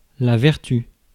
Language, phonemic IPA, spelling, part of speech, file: French, /vɛʁ.ty/, vertu, noun, Fr-vertu.ogg
- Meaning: virtue